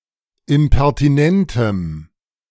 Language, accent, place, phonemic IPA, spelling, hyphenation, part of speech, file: German, Germany, Berlin, /ɪmpɛʁtiˈnɛntəm/, impertinentem, im‧per‧ti‧nen‧tem, adjective, De-impertinentem.ogg
- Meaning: strong dative masculine/neuter singular of impertinent